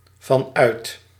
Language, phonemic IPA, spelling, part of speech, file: Dutch, /vɑnˈœyt/, vanuit, preposition, Nl-vanuit.ogg
- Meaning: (preposition) from (inside), (from) out of; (adverb) Alternative spacing in certain forms of the phrasal verb uitgaan van